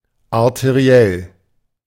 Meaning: arterial
- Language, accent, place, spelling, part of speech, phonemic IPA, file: German, Germany, Berlin, arteriell, adjective, /aʁteˈʁi̯ɛl/, De-arteriell.ogg